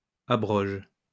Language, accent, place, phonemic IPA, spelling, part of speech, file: French, France, Lyon, /a.bʁɔʒ/, abroges, verb, LL-Q150 (fra)-abroges.wav
- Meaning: second-person singular present indicative/subjunctive of abroger